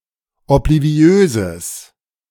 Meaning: strong/mixed nominative/accusative neuter singular of obliviös
- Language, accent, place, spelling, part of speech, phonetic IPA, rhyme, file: German, Germany, Berlin, obliviöses, adjective, [ɔpliˈvi̯øːzəs], -øːzəs, De-obliviöses.ogg